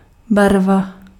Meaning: 1. color 2. paint (liquid) 3. ink (printing) 4. suit (in card games) 5. flush 6. color, tincture 7. blood (of hunted animals and hunting dogs)
- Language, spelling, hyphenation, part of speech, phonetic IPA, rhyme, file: Czech, barva, bar‧va, noun, [ˈbarva], -arva, Cs-barva.ogg